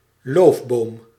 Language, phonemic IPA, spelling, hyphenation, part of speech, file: Dutch, /ˈloːf.boːm/, loofboom, loof‧boom, noun, Nl-loofboom.ogg
- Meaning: any tree with leaves that are not needle-like (such as those that coniferous trees often have)